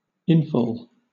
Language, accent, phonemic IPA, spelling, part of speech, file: English, Southern England, /ˈɪnfɔːl/, infall, noun, LL-Q1860 (eng)-infall.wav
- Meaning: 1. The act or process of falling in 2. An incursion; an inroad 3. The area where water, storm runoff, etc., enters a storm drain